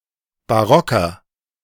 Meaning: inflection of barock: 1. strong/mixed nominative masculine singular 2. strong genitive/dative feminine singular 3. strong genitive plural
- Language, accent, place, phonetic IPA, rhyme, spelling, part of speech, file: German, Germany, Berlin, [baˈʁɔkɐ], -ɔkɐ, barocker, adjective, De-barocker.ogg